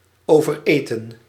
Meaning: to overeat
- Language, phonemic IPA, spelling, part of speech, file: Dutch, /ˌoː.vərˈeː.tə(n)/, overeten, verb, Nl-overeten.ogg